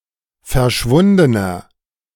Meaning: inflection of verschwunden: 1. strong/mixed nominative masculine singular 2. strong genitive/dative feminine singular 3. strong genitive plural
- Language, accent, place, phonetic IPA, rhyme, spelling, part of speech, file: German, Germany, Berlin, [fɛɐ̯ˈʃvʊndənɐ], -ʊndənɐ, verschwundener, adjective, De-verschwundener.ogg